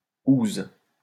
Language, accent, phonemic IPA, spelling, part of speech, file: French, France, /uz/, -ouze, suffix, LL-Q150 (fra)--ouze.wav
- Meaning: forms colloquial or slang feminine forms of nouns